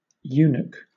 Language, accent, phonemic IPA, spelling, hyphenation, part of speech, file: English, Southern England, /ˈjuː.nək/, eunuch, eu‧nuch, noun / verb, LL-Q1860 (eng)-eunuch.wav
- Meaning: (noun) 1. A castrated man 2. Such a man employed as harem guard or in certain (mainly Eastern) monarchies (e.g. late Roman and Chinese Empires) as court or state officials